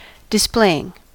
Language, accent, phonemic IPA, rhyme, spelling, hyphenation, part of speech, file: English, US, /dɪsˈpleɪ.ɪŋ/, -eɪɪŋ, displaying, dis‧play‧ing, verb / noun, En-us-displaying.ogg
- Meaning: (verb) present participle and gerund of display; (noun) The process by which something is displayed; a showing